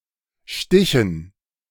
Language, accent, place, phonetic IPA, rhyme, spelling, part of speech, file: German, Germany, Berlin, [ˈʃtɪçn̩], -ɪçn̩, Stichen, noun, De-Stichen.ogg
- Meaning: dative plural of Stich